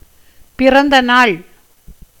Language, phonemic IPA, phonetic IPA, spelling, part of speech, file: Tamil, /pɪrɐnd̪ɐnɑːɭ/, [pɪrɐn̪d̪ɐnäːɭ], பிறந்தநாள், noun, Ta-பிறந்தநாள்.ogg
- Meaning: birthday